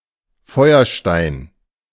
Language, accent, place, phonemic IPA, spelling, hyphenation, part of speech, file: German, Germany, Berlin, /ˈfɔʏ̯ɐˌʃtaɪ̯n/, Feuerstein, Feu‧er‧stein, noun / proper noun, De-Feuerstein.ogg
- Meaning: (noun) flint, chert; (proper noun) a surname